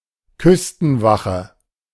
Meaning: coast guard
- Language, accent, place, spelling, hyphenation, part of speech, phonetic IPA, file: German, Germany, Berlin, Küstenwache, Küs‧ten‧wa‧che, noun, [ˈkʏstn̩ˌvaχə], De-Küstenwache.ogg